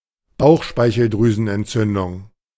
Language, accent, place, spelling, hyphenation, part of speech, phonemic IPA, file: German, Germany, Berlin, Bauchspeicheldrüsenentzündung, Bauch‧spei‧chel‧drü‧sen‧ent‧zün‧dung, noun, /ˈbaʊ̯xʃpaɪ̯çl̩dʁyːzn̩ʔɛntˌt͡sʏndʊŋ/, De-Bauchspeicheldrüsenentzündung.ogg
- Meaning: pancreatitis